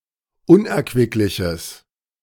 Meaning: strong/mixed nominative/accusative neuter singular of unerquicklich
- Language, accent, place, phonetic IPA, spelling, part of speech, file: German, Germany, Berlin, [ˈʊnʔɛɐ̯kvɪklɪçəs], unerquickliches, adjective, De-unerquickliches.ogg